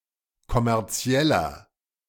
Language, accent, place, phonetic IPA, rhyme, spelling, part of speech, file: German, Germany, Berlin, [kɔmɛʁˈt͡si̯ɛlɐ], -ɛlɐ, kommerzieller, adjective, De-kommerzieller.ogg
- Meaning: inflection of kommerziell: 1. strong/mixed nominative masculine singular 2. strong genitive/dative feminine singular 3. strong genitive plural